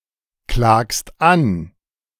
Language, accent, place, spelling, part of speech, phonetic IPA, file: German, Germany, Berlin, klagst an, verb, [ˌklaːkst ˈan], De-klagst an.ogg
- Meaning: second-person singular present of anklagen